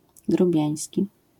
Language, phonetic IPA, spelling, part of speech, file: Polish, [ɡruˈbʲjä̃j̃sʲci], grubiański, adjective, LL-Q809 (pol)-grubiański.wav